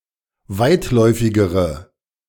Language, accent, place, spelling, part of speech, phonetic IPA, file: German, Germany, Berlin, weitläufigere, adjective, [ˈvaɪ̯tˌlɔɪ̯fɪɡəʁə], De-weitläufigere.ogg
- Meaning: inflection of weitläufig: 1. strong/mixed nominative/accusative feminine singular comparative degree 2. strong nominative/accusative plural comparative degree